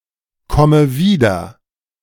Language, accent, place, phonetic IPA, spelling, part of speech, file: German, Germany, Berlin, [ˌkɔmə ˈviːdɐ], komme wieder, verb, De-komme wieder.ogg
- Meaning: inflection of wiederkommen: 1. first-person singular present 2. first/third-person singular subjunctive I 3. singular imperative